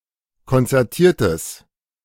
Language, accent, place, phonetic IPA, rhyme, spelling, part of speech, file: German, Germany, Berlin, [kɔnt͡sɛʁˈtiːɐ̯təs], -iːɐ̯təs, konzertiertes, adjective, De-konzertiertes.ogg
- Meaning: strong/mixed nominative/accusative neuter singular of konzertiert